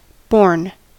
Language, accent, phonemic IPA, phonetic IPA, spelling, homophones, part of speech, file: English, US, /boɹn/, [bo̞ɹn], borne, Borgne / born / bourn / bourne, verb / adjective, En-us-borne.ogg
- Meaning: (verb) past participle of bear; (adjective) carried, supported